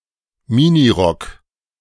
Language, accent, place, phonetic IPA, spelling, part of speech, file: German, Germany, Berlin, [ˈmɪniˌʁɔk], Minirock, phrase, De-Minirock.ogg
- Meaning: miniskirt